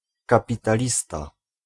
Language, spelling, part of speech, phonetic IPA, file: Polish, kapitalista, noun, [ˌkapʲitaˈlʲista], Pl-kapitalista.ogg